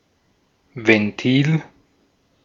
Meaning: valve
- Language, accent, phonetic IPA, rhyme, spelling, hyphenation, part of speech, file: German, Austria, [vɛnˈtiːl], -iːl, Ventil, Ven‧til, noun, De-at-Ventil.ogg